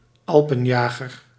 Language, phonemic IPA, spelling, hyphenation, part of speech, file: Dutch, /ˈɑl.pə(n)ˌjaː.ɣər/, alpenjager, al‧pen‧ja‧ger, noun, Nl-alpenjager.ogg
- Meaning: a soldier belonging to a division of alpine troops